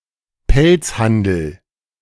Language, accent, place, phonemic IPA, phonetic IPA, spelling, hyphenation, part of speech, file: German, Germany, Berlin, /ˈpɛlt͡sˌhandəl/, [ˈpɛlt͡sˌhandl̩], Pelzhandel, Pelz‧han‧del, noun, De-Pelzhandel.ogg
- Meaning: fur trade